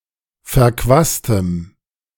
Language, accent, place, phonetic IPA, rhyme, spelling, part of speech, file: German, Germany, Berlin, [fɛɐ̯ˈkvaːstəm], -aːstəm, verquastem, adjective, De-verquastem.ogg
- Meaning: strong dative masculine/neuter singular of verquast